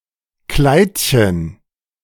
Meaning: diminutive of Kleid
- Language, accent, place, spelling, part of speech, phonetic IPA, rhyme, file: German, Germany, Berlin, Kleidchen, noun, [ˈklaɪ̯tçən], -aɪ̯tçən, De-Kleidchen.ogg